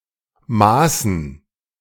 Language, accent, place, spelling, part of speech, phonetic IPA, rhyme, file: German, Germany, Berlin, Maßen, noun, [ˈmaːsn̩], -aːsn̩, De-Maßen.ogg
- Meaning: dative plural of Maß